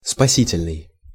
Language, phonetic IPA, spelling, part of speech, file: Russian, [spɐˈsʲitʲɪlʲnɨj], спасительный, adjective, Ru-спасительный.ogg
- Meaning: 1. saving, salutary 2. bringing salvation